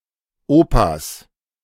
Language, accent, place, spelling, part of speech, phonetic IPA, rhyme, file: German, Germany, Berlin, Opas, noun, [ˈoːpas], -oːpas, De-Opas.ogg
- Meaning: 1. plural of Opa 2. genitive singular of Opa